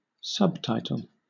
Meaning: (noun) 1. A heading below or after a title 2. Textual versions of the dialogue in films (and similar media such as television or video games), usually displayed at the bottom of the screen
- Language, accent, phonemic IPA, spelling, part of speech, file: English, Southern England, /ˈsʌbtaɪtəl/, subtitle, noun / verb, LL-Q1860 (eng)-subtitle.wav